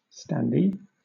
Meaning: Somebody who is forced to stand up, for example, on a crowded bus
- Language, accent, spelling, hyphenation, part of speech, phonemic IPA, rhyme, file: English, Southern England, standee, stand‧ee, noun, /stanˈdiː/, -iː, LL-Q1860 (eng)-standee.wav